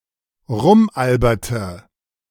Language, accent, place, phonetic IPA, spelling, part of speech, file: German, Germany, Berlin, [ˈʁʊmˌʔalbɐtə], rumalberte, verb, De-rumalberte.ogg
- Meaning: inflection of rumalbern: 1. first/third-person singular preterite 2. first/third-person singular subjunctive II